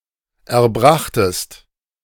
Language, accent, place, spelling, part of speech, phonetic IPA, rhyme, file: German, Germany, Berlin, erbrachtest, verb, [ɛɐ̯ˈbʁaxtəst], -axtəst, De-erbrachtest.ogg
- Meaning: second-person singular preterite of erbringen